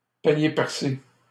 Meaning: a spendthrift, a big spender
- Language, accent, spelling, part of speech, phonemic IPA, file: French, Canada, panier percé, noun, /pa.nje pɛʁ.se/, LL-Q150 (fra)-panier percé.wav